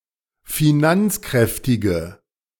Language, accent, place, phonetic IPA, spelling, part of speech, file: German, Germany, Berlin, [fiˈnant͡sˌkʁɛftɪɡə], finanzkräftige, adjective, De-finanzkräftige.ogg
- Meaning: inflection of finanzkräftig: 1. strong/mixed nominative/accusative feminine singular 2. strong nominative/accusative plural 3. weak nominative all-gender singular